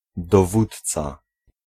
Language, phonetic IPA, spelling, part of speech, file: Polish, [dɔˈvutt͡sa], dowódca, noun, Pl-dowódca.ogg